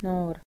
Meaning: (adjective) young: 1. Having been alive for a short amount of time, born not long ago 2. Recently created or arisen; at an early stage; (noun) 1. A young person 2. A young person: youth
- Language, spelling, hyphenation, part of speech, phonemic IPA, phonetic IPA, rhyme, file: Estonian, noor, noor, adjective / noun, /ˈnoːr/, [ˈnoːr], -oːr, Et-noor.ogg